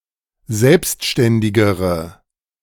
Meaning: inflection of selbstständig: 1. strong/mixed nominative/accusative feminine singular comparative degree 2. strong nominative/accusative plural comparative degree
- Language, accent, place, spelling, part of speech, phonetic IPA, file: German, Germany, Berlin, selbstständigere, adjective, [ˈzɛlpstʃtɛndɪɡəʁə], De-selbstständigere.ogg